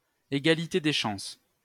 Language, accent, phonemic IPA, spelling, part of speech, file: French, France, /e.ɡa.li.te de ʃɑ̃s/, égalité des chances, noun, LL-Q150 (fra)-égalité des chances.wav